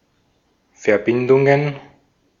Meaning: plural of Verbindung
- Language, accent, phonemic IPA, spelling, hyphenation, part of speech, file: German, Austria, /fɛɐ̯ˈbɪndʊŋən/, Verbindungen, Ver‧bin‧dun‧gen, noun, De-at-Verbindungen.ogg